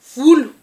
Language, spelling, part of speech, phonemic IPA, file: Malagasy, volo, noun, /ˈvulʷ/, Mg-volo.ogg
- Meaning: 1. hair (the collection or mass of filaments growing from the skin of humans and animals) 2. bamboo (wood)